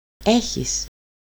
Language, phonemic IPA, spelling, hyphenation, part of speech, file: Greek, /ˈe.çis/, έχεις, έ‧χεις, verb, El-έχεις.ogg
- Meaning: second-person singular present of έχω (écho): "you have"